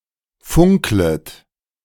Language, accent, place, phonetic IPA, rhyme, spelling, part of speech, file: German, Germany, Berlin, [ˈfʊŋklət], -ʊŋklət, funklet, verb, De-funklet.ogg
- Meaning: second-person plural subjunctive I of funkeln